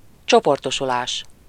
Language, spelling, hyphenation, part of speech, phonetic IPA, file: Hungarian, csoportosulás, cso‧por‧to‧su‧lás, noun, [ˈt͡ʃoportoʃulaːʃ], Hu-csoportosulás.ogg
- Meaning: verbal noun of csoportosul: gathering, assembling